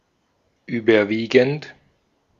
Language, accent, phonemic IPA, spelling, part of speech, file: German, Austria, /ˈyːbɐˌviːɡn̩t/, überwiegend, verb / adjective / adverb, De-at-überwiegend.ogg
- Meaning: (verb) present participle of überwiegen; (adjective) predominant, prevalent; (adverb) largely, mostly, predominantly